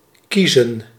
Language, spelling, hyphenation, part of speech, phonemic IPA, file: Dutch, kiezen, kie‧zen, verb / noun, /ˈki.zə(n)/, Nl-kiezen.ogg
- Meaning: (verb) 1. to choose, decide 2. to vote 3. to elect, choose; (noun) plural of kies